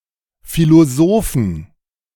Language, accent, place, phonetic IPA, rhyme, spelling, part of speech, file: German, Germany, Berlin, [ˌfiloˈzoːfn̩], -oːfn̩, Philosophen, noun, De-Philosophen.ogg
- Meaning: inflection of Philosoph: 1. genitive/dative/accusative singular 2. nominative/genitive/dative/accusative plural